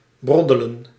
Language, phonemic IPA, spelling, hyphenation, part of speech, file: Dutch, /ˈbrɔ.də.lə(n)/, broddelen, brod‧de‧len, verb, Nl-broddelen.ogg
- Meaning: 1. to bumble, to mess up (one's handcrafted work) (generally relating to handicraft) 2. to speak incomprehensibly with incorrect grammar